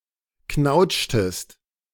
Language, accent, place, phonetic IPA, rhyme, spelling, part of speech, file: German, Germany, Berlin, [ˈknaʊ̯t͡ʃtəst], -aʊ̯t͡ʃtəst, knautschtest, verb, De-knautschtest.ogg
- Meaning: inflection of knautschen: 1. second-person singular preterite 2. second-person singular subjunctive II